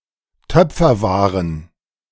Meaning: plural of Töpferware
- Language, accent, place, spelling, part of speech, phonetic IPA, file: German, Germany, Berlin, Töpferwaren, noun, [ˈtœp͡fɐˌvaːʁən], De-Töpferwaren.ogg